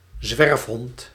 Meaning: stray dog
- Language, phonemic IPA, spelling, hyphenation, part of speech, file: Dutch, /ˈzʋɛrfɦɔnt/, zwerfhond, zwerf‧hond, noun, Nl-zwerfhond.ogg